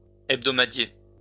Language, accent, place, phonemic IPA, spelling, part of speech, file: French, France, Lyon, /ɛb.dɔ.ma.dje/, hebdomadier, noun, LL-Q150 (fra)-hebdomadier.wav
- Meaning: hebdomadary